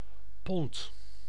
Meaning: unit of mass, often broadly similar to 500 grams: 1. metric pound (500 grams) 2. pound (453.6 grams)
- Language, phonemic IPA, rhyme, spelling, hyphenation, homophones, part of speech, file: Dutch, /pɔnt/, -ɔnt, pond, pond, pont, noun, Nl-pond.ogg